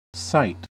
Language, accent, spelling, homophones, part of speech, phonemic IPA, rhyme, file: English, US, site, cite / sight, noun / verb, /saɪt/, -aɪt, En-us-site.ogg
- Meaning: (noun) 1. The place where anything is fixed; situation; local position 2. A place fitted or chosen for any certain permanent use or occupation 3. The posture or position of a thing